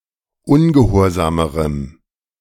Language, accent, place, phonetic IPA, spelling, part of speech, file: German, Germany, Berlin, [ˈʊnɡəˌhoːɐ̯zaːməʁəm], ungehorsamerem, adjective, De-ungehorsamerem.ogg
- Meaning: strong dative masculine/neuter singular comparative degree of ungehorsam